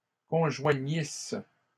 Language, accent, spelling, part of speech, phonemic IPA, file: French, Canada, conjoignissent, verb, /kɔ̃.ʒwa.ɲis/, LL-Q150 (fra)-conjoignissent.wav
- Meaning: third-person plural imperfect subjunctive of conjoindre